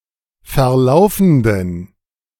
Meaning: inflection of verlaufend: 1. strong genitive masculine/neuter singular 2. weak/mixed genitive/dative all-gender singular 3. strong/weak/mixed accusative masculine singular 4. strong dative plural
- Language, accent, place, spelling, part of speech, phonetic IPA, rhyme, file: German, Germany, Berlin, verlaufenden, adjective, [fɛɐ̯ˈlaʊ̯fn̩dən], -aʊ̯fn̩dən, De-verlaufenden.ogg